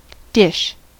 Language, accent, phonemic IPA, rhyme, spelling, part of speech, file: English, US, /dɪʃ/, -ɪʃ, dish, noun / verb, En-us-dish.ogg
- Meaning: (noun) 1. A vessel such as a plate for holding or serving food, often flat with a depressed region in the middle 2. The contents of such a vessel 3. A specific type of prepared food